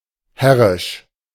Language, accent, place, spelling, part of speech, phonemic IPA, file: German, Germany, Berlin, herrisch, adjective, /ˈhɛʁɪʃ/, De-herrisch.ogg
- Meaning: 1. bossy, authoritarian 2. imperious